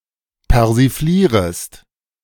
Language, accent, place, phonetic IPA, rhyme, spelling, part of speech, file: German, Germany, Berlin, [pɛʁziˈfliːʁəst], -iːʁəst, persiflierest, verb, De-persiflierest.ogg
- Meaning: second-person singular subjunctive I of persiflieren